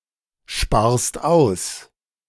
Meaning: second-person singular present of aussparen
- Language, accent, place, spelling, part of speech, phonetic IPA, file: German, Germany, Berlin, sparst aus, verb, [ˌʃpaːɐ̯st ˈaʊ̯s], De-sparst aus.ogg